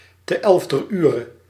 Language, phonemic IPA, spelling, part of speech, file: Dutch, /tə ˌɛlfdər ˈyːrə/, te elfder ure, prepositional phrase, Nl-te elfder ure.ogg
- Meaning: at the eleventh hour (at the last minute; at a time close to the end or almost too late)